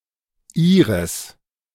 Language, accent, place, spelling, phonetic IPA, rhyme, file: German, Germany, Berlin, ihres, [ˈiːʁəs], -iːʁəs, De-ihres.ogg
- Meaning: genitive masculine/neuter singular of ihr: her, its, their (referring to a masculine or neuter object in the genitive case)